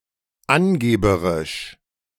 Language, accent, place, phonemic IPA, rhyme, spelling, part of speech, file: German, Germany, Berlin, /ˈʔanɡeːbəʁɪʃ/, -ɪʃ, angeberisch, adjective, De-angeberisch.ogg
- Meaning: in a bragging / boasting / swaggering way